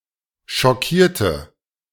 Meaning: inflection of schockieren: 1. first/third-person singular preterite 2. first/third-person singular subjunctive II
- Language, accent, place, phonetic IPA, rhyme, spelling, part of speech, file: German, Germany, Berlin, [ʃɔˈkiːɐ̯tə], -iːɐ̯tə, schockierte, adjective / verb, De-schockierte.ogg